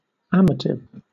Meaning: Pertaining to love; amorous
- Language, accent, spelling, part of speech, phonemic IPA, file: English, Southern England, amative, adjective, /ˈam.ə.tɪv/, LL-Q1860 (eng)-amative.wav